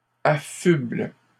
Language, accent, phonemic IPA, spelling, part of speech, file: French, Canada, /a.fybl/, affublent, verb, LL-Q150 (fra)-affublent.wav
- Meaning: third-person plural present indicative/subjunctive of affubler